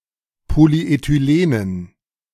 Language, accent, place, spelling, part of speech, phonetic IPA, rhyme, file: German, Germany, Berlin, Polyethylenen, noun, [ˌpoliʔetyˈleːnən], -eːnən, De-Polyethylenen.ogg
- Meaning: dative plural of Polyethylen